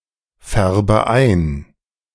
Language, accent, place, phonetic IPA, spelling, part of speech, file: German, Germany, Berlin, [ˌfɛʁbə ˈaɪ̯n], färbe ein, verb, De-färbe ein.ogg
- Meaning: inflection of einfärben: 1. first-person singular present 2. first/third-person singular subjunctive I 3. singular imperative